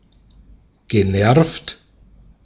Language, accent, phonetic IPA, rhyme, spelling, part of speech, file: German, Austria, [ɡəˈnɛʁft], -ɛʁft, genervt, verb, De-at-genervt.ogg
- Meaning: past participle of nerven